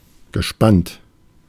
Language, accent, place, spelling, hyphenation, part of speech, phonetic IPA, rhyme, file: German, Germany, Berlin, gespannt, ge‧spannt, verb / adjective, [ɡəˈʃpant], -ant, De-gespannt.ogg
- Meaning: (verb) past participle of spannen; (adjective) 1. curious, excited (of a person; about seeing how something will turn out) 2. tense (of vowels) 3. tense, strained (of relationships, situations)